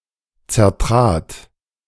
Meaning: first/third-person singular preterite of zertreten
- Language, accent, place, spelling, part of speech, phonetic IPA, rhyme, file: German, Germany, Berlin, zertrat, verb, [t͡sɛɐ̯ˈtʁaːt], -aːt, De-zertrat.ogg